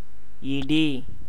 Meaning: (noun) 1. thunder 2. blow, push; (verb) 1. to crumble 2. to be broken, shattered 3. to suffer 4. to have an injury 5. to knock against, hit, bump 6. to demolish
- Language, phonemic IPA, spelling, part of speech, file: Tamil, /ɪɖiː/, இடி, noun / verb, Ta-இடி.ogg